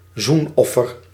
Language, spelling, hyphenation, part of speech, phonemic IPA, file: Dutch, zoenoffer, zoen‧of‧fer, noun, /ˈzunˌɔ.fər/, Nl-zoenoffer.ogg
- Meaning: expiatory offer, piacular sacrifice, peace offering